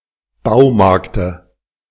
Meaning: dative singular of Baumarkt
- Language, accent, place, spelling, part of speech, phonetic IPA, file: German, Germany, Berlin, Baumarkte, noun, [ˈbaʊ̯ˌmaʁktə], De-Baumarkte.ogg